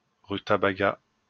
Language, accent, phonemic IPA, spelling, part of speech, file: French, France, /ʁy.ta.ba.ɡa/, rutabaga, noun, LL-Q150 (fra)-rutabaga.wav
- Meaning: swede, rutabaga (yellow root of Brassica napus)